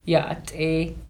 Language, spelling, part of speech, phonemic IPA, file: Navajo, yáʼátʼééh, interjection / verb, /jɑ́ʔɑ́tʼéːh/, Nv-yáʼátʼééh.mp3
- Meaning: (interjection) 1. greetings, hello 2. bye, see you later; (verb) 1. he/she/it is fine, suitable, good 2. he/she/it is pretty 3. he/she is well, good 4. must